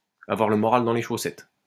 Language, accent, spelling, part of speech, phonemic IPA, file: French, France, avoir le moral dans les chaussettes, verb, /a.vwaʁ lə mɔ.ʁal dɑ̃ le ʃo.sɛt/, LL-Q150 (fra)-avoir le moral dans les chaussettes.wav
- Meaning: to have one's heart in one's boots, to be really down, to be feeling very low, to be down in the dumps, to be in low spirits